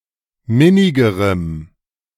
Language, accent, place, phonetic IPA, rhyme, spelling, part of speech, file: German, Germany, Berlin, [ˈmɪnɪɡəʁəm], -ɪnɪɡəʁəm, minnigerem, adjective, De-minnigerem.ogg
- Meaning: strong dative masculine/neuter singular comparative degree of minnig